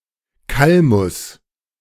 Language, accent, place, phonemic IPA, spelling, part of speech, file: German, Germany, Berlin, /ˈkalmʊs/, Kalmus, noun, De-Kalmus.ogg
- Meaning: sweet flag, Acorus calamus, an herbal water plant